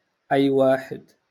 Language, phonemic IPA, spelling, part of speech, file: Moroccan Arabic, /ʔajː‿waː.ħɪd/, أي واحد, pronoun, LL-Q56426 (ary)-أي واحد.wav
- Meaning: anyone